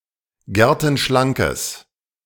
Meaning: strong/mixed nominative/accusative neuter singular of gertenschlank
- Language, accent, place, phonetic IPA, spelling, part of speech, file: German, Germany, Berlin, [ˈɡɛʁtn̩ˌʃlaŋkəs], gertenschlankes, adjective, De-gertenschlankes.ogg